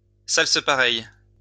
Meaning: sarsaparilla
- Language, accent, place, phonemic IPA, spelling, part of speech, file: French, France, Lyon, /sal.sə.pa.ʁɛj/, salsepareille, noun, LL-Q150 (fra)-salsepareille.wav